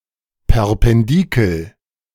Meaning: pendulum
- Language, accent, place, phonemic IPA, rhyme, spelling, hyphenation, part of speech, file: German, Germany, Berlin, /pɛʁpɛnˈdiːkl̩/, -iːkl̩, Perpendikel, Per‧pen‧di‧kel, noun, De-Perpendikel.ogg